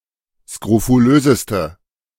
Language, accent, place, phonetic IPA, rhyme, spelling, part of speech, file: German, Germany, Berlin, [skʁofuˈløːzəstə], -øːzəstə, skrofulöseste, adjective, De-skrofulöseste.ogg
- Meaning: inflection of skrofulös: 1. strong/mixed nominative/accusative feminine singular superlative degree 2. strong nominative/accusative plural superlative degree